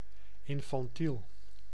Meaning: infantile (like an infant; childish)
- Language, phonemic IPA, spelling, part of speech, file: Dutch, /ˌɪn.fɑnˈtil/, infantiel, adjective, Nl-infantiel.ogg